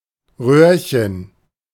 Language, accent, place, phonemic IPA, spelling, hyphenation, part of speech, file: German, Germany, Berlin, /ˈʁøːʁçən/, Röhrchen, Röhr‧chen, noun, De-Röhrchen.ogg
- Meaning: diminutive of Rohr, Röhre: a small tube, e.g. a tubule, cannula, test tube